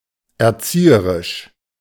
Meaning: educational, educative, pedagogic
- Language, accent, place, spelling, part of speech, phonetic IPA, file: German, Germany, Berlin, erzieherisch, adjective, [ɛʁˈt͡siːəʁɪʃ], De-erzieherisch.ogg